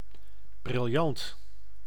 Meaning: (adjective) 1. brilliant (genius, excellent) 2. brilliant (luminous, shining); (noun) brilliant (finely cut gemstone, especially a diamond)
- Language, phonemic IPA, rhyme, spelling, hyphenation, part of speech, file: Dutch, /brɪlˈjɑnt/, -ɑnt, briljant, bril‧jant, adjective / noun, Nl-briljant.ogg